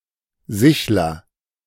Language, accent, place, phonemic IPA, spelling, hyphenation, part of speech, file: German, Germany, Berlin, /ˈzɪçlɐ/, Sichler, Sich‧ler, noun, De-Sichler.ogg
- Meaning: 1. ibis (any of various birds in the family Threskiornithidae with long curved bills) 2. glossy ibis (bird of the species Plegadis falcinellus)